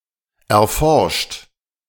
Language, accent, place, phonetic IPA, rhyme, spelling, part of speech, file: German, Germany, Berlin, [ɛɐ̯ˈfɔʁʃt], -ɔʁʃt, erforscht, adjective / verb, De-erforscht.ogg
- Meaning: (verb) past participle of erforschen; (adjective) 1. explored 2. investigated